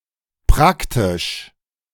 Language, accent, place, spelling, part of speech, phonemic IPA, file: German, Germany, Berlin, praktisch, adjective / adverb, /ˈpʁaktɪʃ/, De-praktisch.ogg
- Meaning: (adjective) 1. practical 2. applied 3. convenient; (adverb) virtually (almost but not quite)